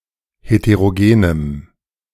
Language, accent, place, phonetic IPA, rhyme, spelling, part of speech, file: German, Germany, Berlin, [heteʁoˈɡeːnəm], -eːnəm, heterogenem, adjective, De-heterogenem.ogg
- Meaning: strong dative masculine/neuter singular of heterogen